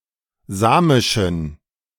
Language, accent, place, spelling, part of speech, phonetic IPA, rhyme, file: German, Germany, Berlin, samischen, adjective, [ˈzaːmɪʃn̩], -aːmɪʃn̩, De-samischen.ogg
- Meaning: inflection of samisch: 1. strong genitive masculine/neuter singular 2. weak/mixed genitive/dative all-gender singular 3. strong/weak/mixed accusative masculine singular 4. strong dative plural